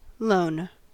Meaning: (noun) An act or instance of lending, an act or instance of granting something for temporary use
- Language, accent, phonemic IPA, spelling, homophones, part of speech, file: English, US, /loʊn/, loan, lone, noun / verb, En-us-loan.ogg